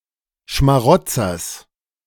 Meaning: genitive singular of Schmarotzer
- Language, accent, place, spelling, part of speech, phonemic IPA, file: German, Germany, Berlin, Schmarotzers, noun, /ʃmaˈʁɔtsɐs/, De-Schmarotzers.ogg